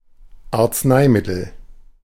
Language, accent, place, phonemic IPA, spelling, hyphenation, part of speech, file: German, Germany, Berlin, /aʁt͡sˈnaɪ̯ˌmɪtl̩/, Arzneimittel, Arz‧nei‧mit‧tel, noun, De-Arzneimittel.ogg
- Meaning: medicine; drug (healing substance)